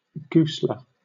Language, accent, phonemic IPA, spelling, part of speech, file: English, Southern England, /ˈɡʊslə/, gusle, noun, LL-Q1860 (eng)-gusle.wav